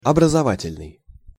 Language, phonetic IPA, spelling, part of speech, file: Russian, [ɐbrəzɐˈvatʲɪlʲnɨj], образовательный, adjective, Ru-образовательный.ogg
- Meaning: 1. educational, informative 2. formative